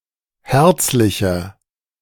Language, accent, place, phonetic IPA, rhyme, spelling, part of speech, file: German, Germany, Berlin, [ˈhɛʁt͡slɪçɐ], -ɛʁt͡slɪçɐ, herzlicher, adjective, De-herzlicher.ogg
- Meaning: 1. comparative degree of herzlich 2. inflection of herzlich: strong/mixed nominative masculine singular 3. inflection of herzlich: strong genitive/dative feminine singular